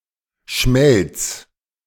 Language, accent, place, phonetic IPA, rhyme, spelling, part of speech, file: German, Germany, Berlin, [ʃmɛlt͡s], -ɛlt͡s, Schmelz, noun, De-Schmelz.ogg
- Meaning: 1. enamel 2. glaze, lustre